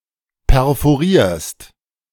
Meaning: second-person singular present of perforieren
- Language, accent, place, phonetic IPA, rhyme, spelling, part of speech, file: German, Germany, Berlin, [pɛʁfoˈʁiːɐ̯st], -iːɐ̯st, perforierst, verb, De-perforierst.ogg